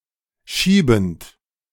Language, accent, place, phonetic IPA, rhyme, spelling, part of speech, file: German, Germany, Berlin, [ˈʃiːbn̩t], -iːbn̩t, schiebend, verb, De-schiebend.ogg
- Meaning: present participle of schieben